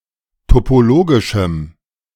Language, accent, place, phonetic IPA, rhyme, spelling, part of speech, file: German, Germany, Berlin, [topoˈloːɡɪʃm̩], -oːɡɪʃm̩, topologischem, adjective, De-topologischem.ogg
- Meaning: strong dative masculine/neuter singular of topologisch